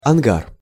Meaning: hangar
- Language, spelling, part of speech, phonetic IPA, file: Russian, ангар, noun, [ɐnˈɡar], Ru-ангар.ogg